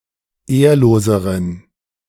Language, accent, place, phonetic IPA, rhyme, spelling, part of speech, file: German, Germany, Berlin, [ˈeːɐ̯loːzəʁən], -eːɐ̯loːzəʁən, ehrloseren, adjective, De-ehrloseren.ogg
- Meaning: inflection of ehrlos: 1. strong genitive masculine/neuter singular comparative degree 2. weak/mixed genitive/dative all-gender singular comparative degree